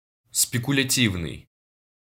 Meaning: speculative
- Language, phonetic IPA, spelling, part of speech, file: Russian, [spʲɪkʊlʲɪˈtʲivnɨj], спекулятивный, adjective, Ru-Спекулятивный.ogg